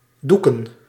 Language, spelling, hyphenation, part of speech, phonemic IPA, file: Dutch, doeken, doe‧ken, verb / noun, /ˈdu.kə(n)/, Nl-doeken.ogg
- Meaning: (verb) 1. to wrap in sheets or blankets 2. to cheat, to scam, to defraud; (noun) plural of doek